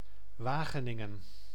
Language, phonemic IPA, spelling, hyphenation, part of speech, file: Dutch, /ˈʋaː.ɣəˌnɪ.ŋə(n)/, Wageningen, Wa‧ge‧nin‧gen, proper noun, Nl-Wageningen.ogg
- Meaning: Wageningen (a city and municipality of Gelderland, Netherlands)